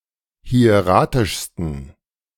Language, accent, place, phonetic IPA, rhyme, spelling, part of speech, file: German, Germany, Berlin, [hi̯eˈʁaːtɪʃstn̩], -aːtɪʃstn̩, hieratischsten, adjective, De-hieratischsten.ogg
- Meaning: 1. superlative degree of hieratisch 2. inflection of hieratisch: strong genitive masculine/neuter singular superlative degree